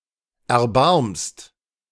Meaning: second-person singular present of erbarmen
- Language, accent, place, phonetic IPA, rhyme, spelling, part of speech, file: German, Germany, Berlin, [ɛɐ̯ˈbaʁmst], -aʁmst, erbarmst, verb, De-erbarmst.ogg